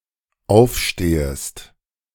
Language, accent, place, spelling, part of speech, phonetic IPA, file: German, Germany, Berlin, aufstehest, verb, [ˈaʊ̯fˌʃteːəst], De-aufstehest.ogg
- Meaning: second-person singular dependent subjunctive I of aufstehen